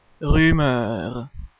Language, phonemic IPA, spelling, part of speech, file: French, /ʁy.mœʁ/, rumeur, noun, Fr-rumeur.ogg
- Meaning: rumour / rumor